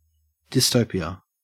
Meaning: 1. A miserable, dysfunctional state or society that has a very poor standard of living or severe censorship, oppression, etc 2. Anatomical tissue that is not found in its usual place
- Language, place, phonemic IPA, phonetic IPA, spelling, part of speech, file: English, Queensland, /dɪsˈtəʉ.pi.ə/, [dɪsˈtɐʉ.pi.ə], dystopia, noun, En-au-dystopia.ogg